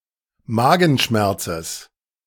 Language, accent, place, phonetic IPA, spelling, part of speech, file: German, Germany, Berlin, [ˈmaːɡn̩ˌʃmɛʁt͡səs], Magenschmerzes, noun, De-Magenschmerzes.ogg
- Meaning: genitive singular of Magenschmerz